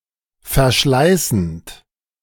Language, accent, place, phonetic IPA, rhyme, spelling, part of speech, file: German, Germany, Berlin, [fɛɐ̯ˈʃlaɪ̯sn̩t], -aɪ̯sn̩t, verschleißend, verb, De-verschleißend.ogg
- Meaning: present participle of verschleißen